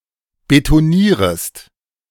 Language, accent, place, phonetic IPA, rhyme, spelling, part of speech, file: German, Germany, Berlin, [betoˈniːʁəst], -iːʁəst, betonierest, verb, De-betonierest.ogg
- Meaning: second-person singular subjunctive I of betonieren